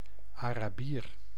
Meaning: 1. inhabitant of Arabia 2. Arab (member of a Semitic people)
- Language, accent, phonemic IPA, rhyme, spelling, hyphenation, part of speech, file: Dutch, Netherlands, /ˌaː.raːˈbiːr/, -iːr, Arabier, Ara‧bier, noun, Nl-Arabier.ogg